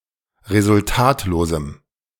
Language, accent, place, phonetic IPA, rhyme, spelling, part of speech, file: German, Germany, Berlin, [ʁezʊlˈtaːtloːzm̩], -aːtloːzm̩, resultatlosem, adjective, De-resultatlosem.ogg
- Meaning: strong dative masculine/neuter singular of resultatlos